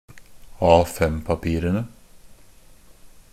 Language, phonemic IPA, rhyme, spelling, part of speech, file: Norwegian Bokmål, /ˈɑːfɛmpapiːrənə/, -ənə, A5-papirene, noun, NB - Pronunciation of Norwegian Bokmål «A5-papirene».ogg
- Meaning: definite plural of A5-papir